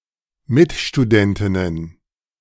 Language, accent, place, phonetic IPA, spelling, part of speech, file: German, Germany, Berlin, [ˈmɪtʃtuˌdɛntɪnən], Mitstudentinnen, noun, De-Mitstudentinnen.ogg
- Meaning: plural of Mitstudentin